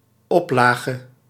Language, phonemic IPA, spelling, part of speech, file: Dutch, /ˈɔplaɣə/, oplage, noun, Nl-oplage.ogg
- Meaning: 1. printing, print run 2. circulation